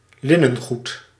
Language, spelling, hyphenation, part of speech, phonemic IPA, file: Dutch, linnengoed, lin‧nen‧goed, noun, /ˈlɪ.nə(n)ˌɣut/, Nl-linnengoed.ogg
- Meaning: linens